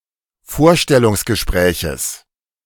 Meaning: genitive singular of Vorstellungsgespräch
- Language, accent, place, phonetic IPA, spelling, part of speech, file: German, Germany, Berlin, [ˈfoːɐ̯ʃtɛlʊŋsɡəˌʃpʁɛːçəs], Vorstellungsgespräches, noun, De-Vorstellungsgespräches.ogg